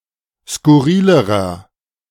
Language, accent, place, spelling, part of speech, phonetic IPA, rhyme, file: German, Germany, Berlin, skurrilerer, adjective, [skʊˈʁiːləʁɐ], -iːləʁɐ, De-skurrilerer.ogg
- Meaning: inflection of skurril: 1. strong/mixed nominative masculine singular comparative degree 2. strong genitive/dative feminine singular comparative degree 3. strong genitive plural comparative degree